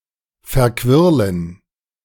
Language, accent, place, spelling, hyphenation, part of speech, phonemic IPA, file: German, Germany, Berlin, verquirlen, ver‧quir‧len, verb, /fɛɐ̯ˈkvɪʁlən/, De-verquirlen.ogg
- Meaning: to whisk